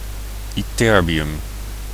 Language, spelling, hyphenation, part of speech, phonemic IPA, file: Dutch, ytterbium, yt‧ter‧bi‧um, noun, /ˌiˈtɛr.bi.ʏm/, Nl-ytterbium.ogg
- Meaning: ytterbium